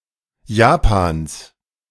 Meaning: genitive singular of Japan
- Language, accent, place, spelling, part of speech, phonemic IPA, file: German, Germany, Berlin, Japans, noun, /ˈjaːpaːns/, De-Japans.ogg